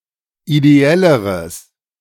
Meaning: strong/mixed nominative/accusative neuter singular comparative degree of ideell
- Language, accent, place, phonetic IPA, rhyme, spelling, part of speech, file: German, Germany, Berlin, [ideˈɛləʁəs], -ɛləʁəs, ideelleres, adjective, De-ideelleres.ogg